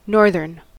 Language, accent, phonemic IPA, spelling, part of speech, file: English, US, /ˈnɔɹ.ðɚn/, northern, adjective / noun, En-us-northern.ogg
- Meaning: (adjective) 1. Of, facing, situated in, or related to the north; northerly 2. Blowing from the north; northerly 3. Characteristic of the North of England (usually capitalised)